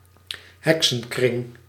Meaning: fairy ring
- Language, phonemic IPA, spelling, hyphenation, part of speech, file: Dutch, /ˈɦɛk.sə(n)ˌkrɪŋ/, heksenkring, hek‧sen‧kring, noun, Nl-heksenkring.ogg